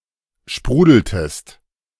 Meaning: inflection of sprudeln: 1. second-person singular preterite 2. second-person singular subjunctive II
- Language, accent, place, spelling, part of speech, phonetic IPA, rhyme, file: German, Germany, Berlin, sprudeltest, verb, [ˈʃpʁuːdl̩təst], -uːdl̩təst, De-sprudeltest.ogg